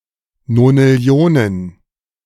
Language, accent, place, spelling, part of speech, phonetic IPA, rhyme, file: German, Germany, Berlin, Nonillionen, noun, [nonɪˈli̯oːnən], -oːnən, De-Nonillionen.ogg
- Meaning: plural of Nonillion